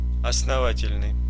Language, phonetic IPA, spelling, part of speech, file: Russian, [ɐsnɐˈvatʲɪlʲnɨj], основательный, adjective, Ru-основательный.ogg
- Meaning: 1. well-grounded, well-founded 2. solid, sound, thorough, substantial 3. stout, solid 4. bulky